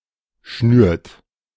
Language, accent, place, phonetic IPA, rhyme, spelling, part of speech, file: German, Germany, Berlin, [ʃnyːɐ̯t], -yːɐ̯t, schnürt, verb, De-schnürt.ogg
- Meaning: inflection of schnüren: 1. third-person singular present 2. second-person plural present 3. plural imperative